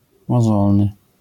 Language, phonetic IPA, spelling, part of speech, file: Polish, [mɔˈzɔlnɨ], mozolny, adjective, LL-Q809 (pol)-mozolny.wav